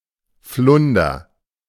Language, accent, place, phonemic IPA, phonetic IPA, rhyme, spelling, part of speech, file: German, Germany, Berlin, /ˈflʊndər/, [ˈflʊndɐ], -ʊndɐ, Flunder, noun, De-Flunder.ogg
- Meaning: flounder (sea fish)